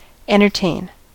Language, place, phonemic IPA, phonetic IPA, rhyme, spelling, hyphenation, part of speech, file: English, California, /ˌɛntɚˈteɪn/, [ˌɛ̃ɾ̃ɚˈtʰeɪn], -eɪn, entertain, en‧ter‧tain, verb / noun, En-us-entertain.ogg
- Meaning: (verb) 1. To amuse (someone); to engage the attention of agreeably 2. To have someone over at one's home, or some other venue, for a party or visit